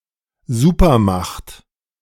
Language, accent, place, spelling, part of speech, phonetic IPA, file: German, Germany, Berlin, Supermacht, noun, [ˈzuːpɐˌmaxt], De-Supermacht.ogg
- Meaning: superpower